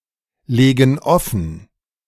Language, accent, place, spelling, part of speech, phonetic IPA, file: German, Germany, Berlin, legen offen, verb, [ˌleːɡn̩ ˈɔfn̩], De-legen offen.ogg
- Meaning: inflection of offenlegen: 1. first/third-person plural present 2. first/third-person plural subjunctive I